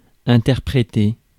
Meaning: 1. to translate 2. to interpret 3. to construe
- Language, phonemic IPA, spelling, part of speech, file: French, /ɛ̃.tɛʁ.pʁe.te/, interpréter, verb, Fr-interpréter.ogg